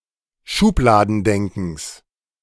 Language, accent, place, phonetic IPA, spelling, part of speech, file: German, Germany, Berlin, [ˈʃuːplaːdn̩ˌdɛŋkn̩s], Schubladendenkens, noun, De-Schubladendenkens.ogg
- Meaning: genitive singular of Schubladendenken